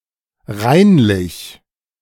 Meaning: cleanly, neatly, tidy, orderly
- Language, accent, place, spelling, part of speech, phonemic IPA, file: German, Germany, Berlin, reinlich, adjective, /ˈʁaɪ̯nlɪç/, De-reinlich.ogg